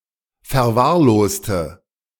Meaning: inflection of verwahrlost: 1. strong/mixed nominative/accusative feminine singular 2. strong nominative/accusative plural 3. weak nominative all-gender singular
- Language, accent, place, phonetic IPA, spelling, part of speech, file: German, Germany, Berlin, [fɛɐ̯ˈvaːɐ̯ˌloːstə], verwahrloste, adjective / verb, De-verwahrloste.ogg